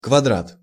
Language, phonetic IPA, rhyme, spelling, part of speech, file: Russian, [kvɐˈdrat], -at, квадрат, noun, Ru-квадрат.ogg
- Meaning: square